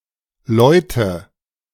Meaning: inflection of läuten: 1. first-person singular present 2. first/third-person singular subjunctive I 3. singular imperative
- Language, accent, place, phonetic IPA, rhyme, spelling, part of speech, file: German, Germany, Berlin, [ˈlɔɪ̯tə], -ɔɪ̯tə, läute, verb, De-läute.ogg